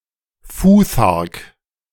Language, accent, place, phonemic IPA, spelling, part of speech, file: German, Germany, Berlin, /ˈfuːθaʁk/, Futhark, noun, De-Futhark.ogg
- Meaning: futhark